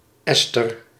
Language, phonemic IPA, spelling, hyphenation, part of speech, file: Dutch, /ˈɛs.tər/, Esther, Es‧ther, proper noun, Nl-Esther.ogg
- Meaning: 1. the Book of Esther 2. Esther, the main character of the Book of Esther 3. a female given name